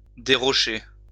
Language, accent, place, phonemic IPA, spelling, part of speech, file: French, France, Lyon, /de.ʁɔ.ʃe/, dérocher, verb, LL-Q150 (fra)-dérocher.wav
- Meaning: to remove rocks from